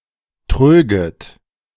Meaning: second-person plural subjunctive II of trügen
- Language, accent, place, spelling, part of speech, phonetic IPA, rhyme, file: German, Germany, Berlin, tröget, verb, [ˈtʁøːɡət], -øːɡət, De-tröget.ogg